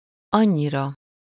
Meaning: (adverb) so much, that much, so; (pronoun) sublative singular of annyi
- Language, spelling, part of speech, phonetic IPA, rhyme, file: Hungarian, annyira, adverb / pronoun, [ˈɒɲːirɒ], -rɒ, Hu-annyira.ogg